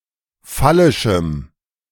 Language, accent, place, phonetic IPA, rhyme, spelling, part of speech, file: German, Germany, Berlin, [ˈfalɪʃm̩], -alɪʃm̩, phallischem, adjective, De-phallischem.ogg
- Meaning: strong dative masculine/neuter singular of phallisch